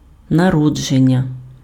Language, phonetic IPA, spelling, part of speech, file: Ukrainian, [nɐˈrɔd͡ʒenʲːɐ], народження, noun, Uk-народження.ogg
- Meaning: birth